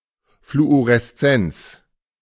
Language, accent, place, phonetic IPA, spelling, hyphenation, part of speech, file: German, Germany, Berlin, [fluoʁɛsˈt͡sɛnt͡s], Fluoreszenz, Flu‧o‧res‧zenz, noun, De-Fluoreszenz.ogg
- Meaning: fluorescence